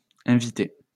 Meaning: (noun) plural of invité; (verb) masculine plural of invité
- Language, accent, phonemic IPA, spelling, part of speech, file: French, France, /ɛ̃.vi.te/, invités, noun / verb, LL-Q150 (fra)-invités.wav